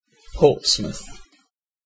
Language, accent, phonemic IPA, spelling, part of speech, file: English, UK, /ˈpɔːrtsməθ/, Portsmouth, proper noun, En-uk-Portsmouth.ogg
- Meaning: A city, unitary authority, and borough of Hampshire, in southern England